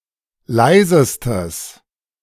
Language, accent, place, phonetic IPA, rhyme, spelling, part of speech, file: German, Germany, Berlin, [ˈlaɪ̯zəstəs], -aɪ̯zəstəs, leisestes, adjective, De-leisestes.ogg
- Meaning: strong/mixed nominative/accusative neuter singular superlative degree of leise